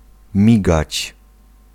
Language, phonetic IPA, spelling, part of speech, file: Polish, [ˈmʲiɡat͡ɕ], migać, verb, Pl-migać.ogg